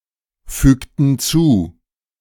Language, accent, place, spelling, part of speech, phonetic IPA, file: German, Germany, Berlin, fügten zu, verb, [ˌfyːktn̩ ˈt͡suː], De-fügten zu.ogg
- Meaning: inflection of zufügen: 1. first/third-person plural preterite 2. first/third-person plural subjunctive II